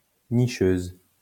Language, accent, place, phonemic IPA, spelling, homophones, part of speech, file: French, France, Lyon, /ni.ʃøz/, nicheuse, nicheuses, adjective, LL-Q150 (fra)-nicheuse.wav
- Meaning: feminine singular of nicheur